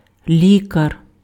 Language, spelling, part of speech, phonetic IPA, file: Ukrainian, лікар, noun, [ˈlʲikɐr], Uk-лікар.ogg
- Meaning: doctor (physician)